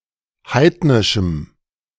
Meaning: strong dative masculine/neuter singular of heidnisch
- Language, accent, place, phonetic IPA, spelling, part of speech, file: German, Germany, Berlin, [ˈhaɪ̯tnɪʃm̩], heidnischem, adjective, De-heidnischem.ogg